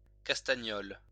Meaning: 1. damselfish (Chromis chromis) 2. pomfret (fish of the family Bramidae)
- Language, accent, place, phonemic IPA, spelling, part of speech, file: French, France, Lyon, /kas.ta.ɲɔl/, castagnole, noun, LL-Q150 (fra)-castagnole.wav